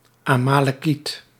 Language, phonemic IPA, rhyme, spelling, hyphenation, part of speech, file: Dutch, /ˌaː.maː.lɛˈkit/, -it, Amalekiet, Ama‧le‧kiet, noun, Nl-Amalekiet.ogg
- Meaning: an Amalekite (member of a hostile Biblical tribe)